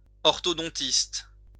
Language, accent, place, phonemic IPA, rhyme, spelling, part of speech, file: French, France, Lyon, /ɔʁ.tɔ.dɔ̃.tist/, -ist, orthodontiste, noun, LL-Q150 (fra)-orthodontiste.wav
- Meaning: orthodontist